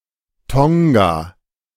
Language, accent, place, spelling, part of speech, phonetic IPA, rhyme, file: German, Germany, Berlin, Tonga, proper noun, [ˈtɔŋɡa], -ɔŋɡa, De-Tonga.ogg
- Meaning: Tonga (a country and archipelago of Polynesia in Oceania)